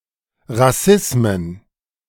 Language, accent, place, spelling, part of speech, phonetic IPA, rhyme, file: German, Germany, Berlin, Rassismen, noun, [ʁaˈsɪsmən], -ɪsmən, De-Rassismen.ogg
- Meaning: plural of Rassismus